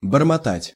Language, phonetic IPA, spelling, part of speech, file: Russian, [bərmɐˈtatʲ], бормотать, verb, Ru-бормотать.ogg
- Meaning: to mutter, to murmur, to babble, to ramble